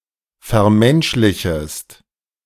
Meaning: second-person singular subjunctive I of vermenschlichen
- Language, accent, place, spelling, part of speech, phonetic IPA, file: German, Germany, Berlin, vermenschlichest, verb, [fɛɐ̯ˈmɛnʃlɪçəst], De-vermenschlichest.ogg